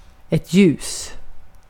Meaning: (adjective) 1. light, bright (full of light) 2. bright (promising; prosperous) 3. light 4. high-pitched, bright; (noun) a light ((light from a) light source)
- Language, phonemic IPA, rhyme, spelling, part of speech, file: Swedish, /jʉːs/, -ʉːs, ljus, adjective / noun, Sv-ljus.ogg